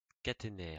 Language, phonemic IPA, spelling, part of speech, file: French, /ka.te.nɛʁ/, caténaire, noun, LL-Q150 (fra)-caténaire.wav
- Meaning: 1. catenary 2. catenary; overhead line